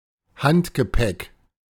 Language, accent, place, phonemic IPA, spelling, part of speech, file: German, Germany, Berlin, /ˈhantɡəˌpɛk/, Handgepäck, noun, De-Handgepäck.ogg
- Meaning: carry-on, hand luggage